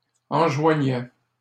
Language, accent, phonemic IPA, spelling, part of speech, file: French, Canada, /ɑ̃.ʒwa.ɲɛ/, enjoignaient, verb, LL-Q150 (fra)-enjoignaient.wav
- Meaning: third-person plural imperfect indicative of enjoindre